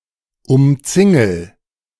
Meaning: inflection of umzingeln: 1. first-person singular present 2. singular imperative
- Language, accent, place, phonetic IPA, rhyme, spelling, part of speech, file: German, Germany, Berlin, [ʊmˈt͡sɪŋl̩], -ɪŋl̩, umzingel, verb, De-umzingel.ogg